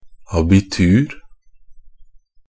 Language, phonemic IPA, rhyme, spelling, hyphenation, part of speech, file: Norwegian Bokmål, /abɪˈtʉːr/, -ʉːr, abitur, a‧bi‧tur, noun, NB - Pronunciation of Norwegian Bokmål «abitur».ogg
- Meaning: Abitur (a group of exams taken in the final year of German secondary school)